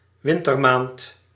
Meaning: 1. winter month 2. December
- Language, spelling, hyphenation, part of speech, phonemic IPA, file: Dutch, wintermaand, win‧ter‧maand, noun, /ˈʋɪn.tərˌmaːnt/, Nl-wintermaand.ogg